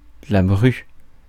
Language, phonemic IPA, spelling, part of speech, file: French, /bʁy/, bru, noun, Fr-bru.ogg
- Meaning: daughter-in-law